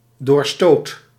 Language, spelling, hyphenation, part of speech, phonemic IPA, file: Dutch, doorstoot, door‧stoot, noun, /ˈdoːr.stoːt/, Nl-doorstoot.ogg
- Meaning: an act of pushing on, of pressing on; a continued advance